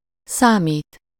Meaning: 1. to calculate, compute 2. to be calculated (from something: -tól/-től) 3. to count, matter, be of importance (to someone: -nak/-nek) 4. to be considered something or of some quality (with -nak/-nek)
- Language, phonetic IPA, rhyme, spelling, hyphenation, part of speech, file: Hungarian, [ˈsaːmiːt], -iːt, számít, szá‧mít, verb, Hu-számít.ogg